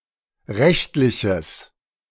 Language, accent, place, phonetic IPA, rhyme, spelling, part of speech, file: German, Germany, Berlin, [ˈʁɛçtlɪçəs], -ɛçtlɪçəs, rechtliches, adjective, De-rechtliches.ogg
- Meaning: strong/mixed nominative/accusative neuter singular of rechtlich